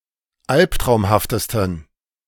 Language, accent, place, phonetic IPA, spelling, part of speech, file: German, Germany, Berlin, [ˈalptʁaʊ̯mhaftəstn̩], albtraumhaftesten, adjective, De-albtraumhaftesten.ogg
- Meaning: 1. superlative degree of albtraumhaft 2. inflection of albtraumhaft: strong genitive masculine/neuter singular superlative degree